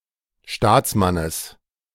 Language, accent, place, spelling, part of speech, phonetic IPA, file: German, Germany, Berlin, Staatsmannes, noun, [ˈʃtaːt͡sˌmanəs], De-Staatsmannes.ogg
- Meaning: genitive of Staatsmann